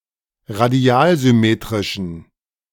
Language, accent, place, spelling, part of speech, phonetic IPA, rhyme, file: German, Germany, Berlin, radialsymmetrischen, adjective, [ʁaˈdi̯aːlzʏˌmeːtʁɪʃn̩], -aːlzʏmeːtʁɪʃn̩, De-radialsymmetrischen.ogg
- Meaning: inflection of radialsymmetrisch: 1. strong genitive masculine/neuter singular 2. weak/mixed genitive/dative all-gender singular 3. strong/weak/mixed accusative masculine singular